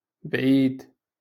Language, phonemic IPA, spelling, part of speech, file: Moroccan Arabic, /bʕiːd/, بعيد, adjective, LL-Q56426 (ary)-بعيد.wav
- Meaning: far, remote, distant